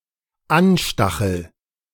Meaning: first-person singular dependent present of anstacheln
- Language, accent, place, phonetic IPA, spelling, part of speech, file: German, Germany, Berlin, [ˈanˌʃtaxl̩], anstachel, verb, De-anstachel.ogg